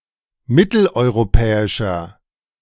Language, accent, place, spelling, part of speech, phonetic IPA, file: German, Germany, Berlin, mitteleuropäischer, adjective, [ˈmɪtl̩ʔɔɪ̯ʁoˌpɛːɪʃɐ], De-mitteleuropäischer.ogg
- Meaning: inflection of mitteleuropäisch: 1. strong/mixed nominative masculine singular 2. strong genitive/dative feminine singular 3. strong genitive plural